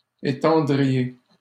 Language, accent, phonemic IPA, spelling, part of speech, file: French, Canada, /e.tɑ̃.dʁi.je/, étendriez, verb, LL-Q150 (fra)-étendriez.wav
- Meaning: second-person plural conditional of étendre